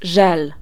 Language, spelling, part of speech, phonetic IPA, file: Polish, żel, noun, [ʒɛl], Pl-żel.ogg